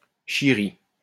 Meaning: a piece of crap, piece of shit
- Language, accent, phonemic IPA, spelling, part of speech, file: French, France, /ʃi.ʁi/, chierie, noun, LL-Q150 (fra)-chierie.wav